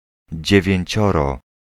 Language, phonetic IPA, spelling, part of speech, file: Polish, [ˌd͡ʑɛvʲjɛ̇̃ɲˈt͡ɕɔrɔ], dziewięcioro, numeral, Pl-dziewięcioro.ogg